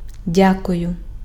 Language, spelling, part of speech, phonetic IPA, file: Ukrainian, дякую, verb / interjection, [ˈdʲakʊjʊ], Uk-дякую.ogg
- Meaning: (verb) first-person singular present indicative imperfective of дя́кувати (djákuvaty); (interjection) thank you